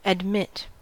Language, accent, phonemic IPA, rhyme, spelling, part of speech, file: English, US, /ədˈmɪt/, -ɪt, admit, verb, En-us-admit.ogg
- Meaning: To allow to enter; to grant entrance (to), whether into a place, into the mind, or into consideration